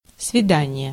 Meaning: 1. appointment; date 2. visit (with a prisoner, patient, etc.)
- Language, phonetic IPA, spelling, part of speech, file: Russian, [svʲɪˈdanʲɪje], свидание, noun, Ru-свидание.ogg